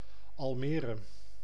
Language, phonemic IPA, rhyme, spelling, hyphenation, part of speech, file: Dutch, /ˌɑlˈmeː.rə/, -eːrə, Almere, Al‧me‧re, proper noun, Nl-Almere.ogg
- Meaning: 1. a former lake in the Netherlands 2. Almere (a city and municipality of Flevoland, Netherlands)